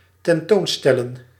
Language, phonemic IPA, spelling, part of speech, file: Dutch, /tɛnˈtonstɛlə(n)/, tentoonstellen, verb, Nl-tentoonstellen.ogg
- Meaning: to exhibit, to display, to show to the public